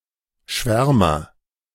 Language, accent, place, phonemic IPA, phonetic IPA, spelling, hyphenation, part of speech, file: German, Germany, Berlin, /ˈʃvɛʁməʁ/, [ˈʃvɛɐ̯mɐ], Schwärmer, Schwär‧mer, noun, De-Schwärmer.ogg
- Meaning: 1. agent noun of schwärmen; enthusiast, zealot, extremist, sentimentalist, dreamer, visionary 2. hawkmoth, sphinx moth, Sphingidae 3. serpent, jumping jack (firecracker)